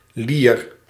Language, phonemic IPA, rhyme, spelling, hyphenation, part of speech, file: Dutch, /lir/, -ir, lier, lier, noun, Nl-lier.ogg
- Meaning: 1. lyre 2. hurdy-gurdy, wheel fiddle 3. winch